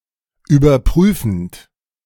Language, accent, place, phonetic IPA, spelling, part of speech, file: German, Germany, Berlin, [yːbɐˈpʁyːfn̩t], überprüfend, verb, De-überprüfend.ogg
- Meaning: present participle of überprüfen